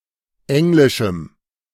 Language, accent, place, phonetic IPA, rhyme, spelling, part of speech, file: German, Germany, Berlin, [ˈɛŋlɪʃm̩], -ɛŋlɪʃm̩, englischem, adjective, De-englischem.ogg
- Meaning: strong dative masculine/neuter singular of englisch